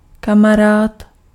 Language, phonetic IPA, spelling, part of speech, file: Czech, [ˈkamaraːt], kamarád, noun, Cs-kamarád.ogg
- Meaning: buddy